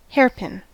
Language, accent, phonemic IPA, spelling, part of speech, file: English, US, /ˈhɛɚ.pɪn/, hairpin, noun, En-us-hairpin.ogg
- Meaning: 1. A pin or fastener for the hair 2. A kind of ribozyme; hairpin ribozyme 3. A very tight bend in a road; a hairpin bend